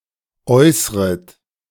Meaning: second-person plural subjunctive I of äußern
- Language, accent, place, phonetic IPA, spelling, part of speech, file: German, Germany, Berlin, [ˈɔɪ̯sʁət], äußret, verb, De-äußret.ogg